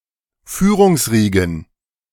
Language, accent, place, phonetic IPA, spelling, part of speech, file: German, Germany, Berlin, [ˈfyːʁʊŋsˌʁiːɡn̩], Führungsriegen, noun, De-Führungsriegen.ogg
- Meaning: plural of Führungsriege